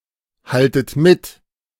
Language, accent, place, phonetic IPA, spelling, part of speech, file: German, Germany, Berlin, [ˌhaltət ˈmɪt], haltet mit, verb, De-haltet mit.ogg
- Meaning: inflection of mithalten: 1. second-person plural present 2. second-person plural subjunctive I 3. plural imperative